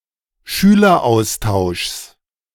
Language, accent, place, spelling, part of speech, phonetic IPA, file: German, Germany, Berlin, Schüleraustauschs, noun, [ˈʃyːlɐˌʔaʊ̯staʊ̯ʃs], De-Schüleraustauschs.ogg
- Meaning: genitive singular of Schüleraustausch